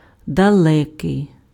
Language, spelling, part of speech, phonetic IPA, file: Ukrainian, далекий, adjective, [dɐˈɫɛkei̯], Uk-далекий.ogg
- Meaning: far, distant, remote (but, to express 'to be far from', далеко + від must be used instead)